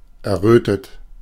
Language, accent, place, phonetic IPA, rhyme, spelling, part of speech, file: German, Germany, Berlin, [ɛɐ̯ˈʁøːtət], -øːtət, errötet, verb, De-errötet.ogg
- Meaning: past participle of erröten